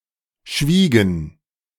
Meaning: inflection of schweigen: 1. first/third-person plural preterite 2. first/third-person plural subjunctive II
- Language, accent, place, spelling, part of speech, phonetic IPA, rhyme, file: German, Germany, Berlin, schwiegen, verb, [ˈʃviːɡn̩], -iːɡn̩, De-schwiegen.ogg